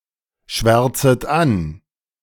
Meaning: second-person plural subjunctive I of anschwärzen
- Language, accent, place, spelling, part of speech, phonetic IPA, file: German, Germany, Berlin, schwärzet an, verb, [ˌʃvɛʁt͡sət ˈan], De-schwärzet an.ogg